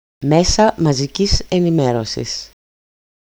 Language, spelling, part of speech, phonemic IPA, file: Greek, μέσα μαζικής ενημέρωσης, noun, /ˈmesa maziˈcis eniˈmerosis/, EL-μέσα μαζικής ενημέρωσης.ogg
- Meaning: nominative/accusative/vocative plural of μέσο μαζικής ενημέρωσης (méso mazikís enimérosis): mass media